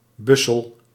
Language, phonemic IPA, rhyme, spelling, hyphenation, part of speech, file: Dutch, /ˈbʏ.səl/, -ʏsəl, bussel, bus‧sel, noun, Nl-bussel.ogg
- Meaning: sheaf, bundle, package